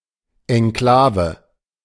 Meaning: enclave
- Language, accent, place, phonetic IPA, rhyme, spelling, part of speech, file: German, Germany, Berlin, [ɛnˈklaːvə], -aːvə, Enklave, noun, De-Enklave.ogg